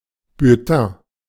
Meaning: bulletin
- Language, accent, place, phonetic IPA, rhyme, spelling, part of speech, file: German, Germany, Berlin, [bʏlˈtɛ̃ː], -ɛ̃ː, Bulletin, noun, De-Bulletin.ogg